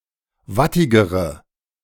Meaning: inflection of wattig: 1. strong/mixed nominative/accusative feminine singular comparative degree 2. strong nominative/accusative plural comparative degree
- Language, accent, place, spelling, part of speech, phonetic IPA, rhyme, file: German, Germany, Berlin, wattigere, adjective, [ˈvatɪɡəʁə], -atɪɡəʁə, De-wattigere.ogg